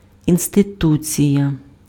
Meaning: institution
- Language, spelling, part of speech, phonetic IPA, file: Ukrainian, інституція, noun, [insteˈtut͡sʲijɐ], Uk-інституція.ogg